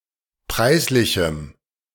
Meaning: strong dative masculine/neuter singular of preislich
- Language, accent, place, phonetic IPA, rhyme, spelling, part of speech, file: German, Germany, Berlin, [ˈpʁaɪ̯sˌlɪçm̩], -aɪ̯slɪçm̩, preislichem, adjective, De-preislichem.ogg